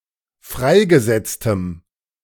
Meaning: strong dative masculine/neuter singular of freigesetzt
- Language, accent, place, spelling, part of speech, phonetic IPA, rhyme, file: German, Germany, Berlin, freigesetztem, adjective, [ˈfʁaɪ̯ɡəˌzɛt͡stəm], -aɪ̯ɡəzɛt͡stəm, De-freigesetztem.ogg